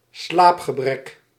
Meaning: sleep deprivation, lack of sleep
- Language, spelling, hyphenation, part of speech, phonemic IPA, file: Dutch, slaapgebrek, slaap‧ge‧brek, noun, /ˈslaːp.xəˌbrɛk/, Nl-slaapgebrek.ogg